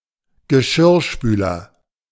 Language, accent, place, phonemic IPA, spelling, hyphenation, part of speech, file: German, Germany, Berlin, /ɡəˈʃɪrˌʃpyːlər/, Geschirrspüler, Ge‧schirr‧spü‧ler, noun, De-Geschirrspüler.ogg
- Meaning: dishwasher: 1. synonym of Spülmaschine (“machine”) 2. synonym of Tellerwäscher (“person”)